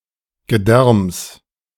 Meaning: genitive singular of Gedärm
- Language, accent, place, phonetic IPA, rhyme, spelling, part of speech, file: German, Germany, Berlin, [ɡəˈdɛʁms], -ɛʁms, Gedärms, noun, De-Gedärms.ogg